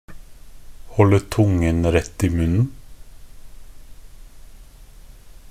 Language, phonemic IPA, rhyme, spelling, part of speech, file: Norwegian Bokmål, /ˈhɔlə.ˈtuŋn̩.ɾɛt.ɪ.mʉnːn̩/, -ʉnːn̩, holde tungen rett i munnen, phrase, Nb-holde tungen rett i munnen.ogg
- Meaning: alternative form of holde tunga rett i munnen